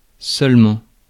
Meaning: only
- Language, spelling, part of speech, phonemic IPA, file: French, seulement, adverb, /sœl.mɑ̃/, Fr-seulement.ogg